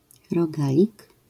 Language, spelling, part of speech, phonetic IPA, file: Polish, rogalik, noun, [rɔˈɡalʲik], LL-Q809 (pol)-rogalik.wav